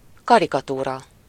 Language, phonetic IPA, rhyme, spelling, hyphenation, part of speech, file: Hungarian, [ˈkɒrikɒtuːrɒ], -rɒ, karikatúra, ka‧ri‧ka‧tú‧ra, noun, Hu-karikatúra.ogg
- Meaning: caricature